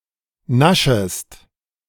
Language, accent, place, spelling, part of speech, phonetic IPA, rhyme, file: German, Germany, Berlin, naschest, verb, [ˈnaʃəst], -aʃəst, De-naschest.ogg
- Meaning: second-person singular subjunctive I of naschen